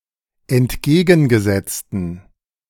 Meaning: inflection of entgegengesetzt: 1. strong genitive masculine/neuter singular 2. weak/mixed genitive/dative all-gender singular 3. strong/weak/mixed accusative masculine singular 4. strong dative plural
- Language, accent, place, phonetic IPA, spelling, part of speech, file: German, Germany, Berlin, [ɛntˈɡeːɡn̩ɡəˌzɛt͡stn̩], entgegengesetzten, adjective, De-entgegengesetzten.ogg